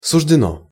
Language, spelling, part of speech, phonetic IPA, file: Russian, суждено, adjective, [sʊʐdʲɪˈno], Ru-суждено.ogg
- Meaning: 1. it is destined, it is fated 2. short neuter singular of суждённый (suždjónnyj)